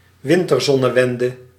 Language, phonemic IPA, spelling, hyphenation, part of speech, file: Dutch, /ˈʋɪn.tərˌzɔ.nə.ʋɛn.də/, winterzonnewende, win‧ter‧zon‧ne‧wen‧de, noun, Nl-winterzonnewende.ogg
- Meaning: winter solstice